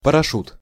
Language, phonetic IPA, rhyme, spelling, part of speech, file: Russian, [pərɐˈʂut], -ut, парашют, noun, Ru-парашют.ogg
- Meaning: parachute